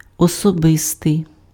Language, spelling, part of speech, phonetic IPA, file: Ukrainian, особистий, adjective, [ɔsɔˈbɪstei̯], Uk-особистий.ogg
- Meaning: personal (relating to a particular person)